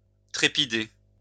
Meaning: 1. to vibrate 2. to shudder 3. to throb
- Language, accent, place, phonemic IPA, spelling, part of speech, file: French, France, Lyon, /tʁe.pi.de/, trépider, verb, LL-Q150 (fra)-trépider.wav